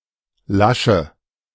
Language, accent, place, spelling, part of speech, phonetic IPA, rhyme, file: German, Germany, Berlin, Lasche, noun, [ˈlaʃə], -aʃə, De-Lasche.ogg
- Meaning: 1. tongue (a flap or protrusion) 2. fishplate